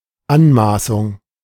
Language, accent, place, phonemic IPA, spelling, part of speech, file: German, Germany, Berlin, /ˈanˌmaːsʊŋ/, Anmaßung, noun, De-Anmaßung.ogg
- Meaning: 1. insolence 2. arrogation, presumption, pretension